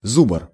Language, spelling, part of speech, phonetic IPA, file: Russian, зубр, noun, [ˈzub(ə)r], Ru-зубр.ogg
- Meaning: 1. bison (European bison), wisent 2. diehard, ace, pro, maestro (a wise and experienced professional) 3. reactionary